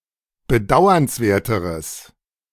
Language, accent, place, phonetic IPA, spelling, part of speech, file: German, Germany, Berlin, [bəˈdaʊ̯ɐnsˌveːɐ̯təʁəs], bedauernswerteres, adjective, De-bedauernswerteres.ogg
- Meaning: strong/mixed nominative/accusative neuter singular comparative degree of bedauernswert